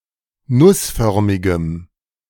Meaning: strong dative masculine/neuter singular of nussförmig
- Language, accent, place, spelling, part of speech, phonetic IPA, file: German, Germany, Berlin, nussförmigem, adjective, [ˈnʊsˌfœʁmɪɡəm], De-nussförmigem.ogg